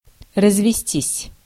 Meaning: 1. to be divorced (from), to divorce, to obtain a divorce (with) 2. to grow in number, to breed
- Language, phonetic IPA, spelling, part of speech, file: Russian, [rəzvʲɪˈsʲtʲisʲ], развестись, verb, Ru-развестись.ogg